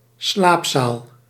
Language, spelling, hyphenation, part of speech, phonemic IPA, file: Dutch, slaapzaal, slaap‧zaal, noun, /ˈslaːp.saːl/, Nl-slaapzaal.ogg
- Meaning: dormitory (room where multiple people can sleep)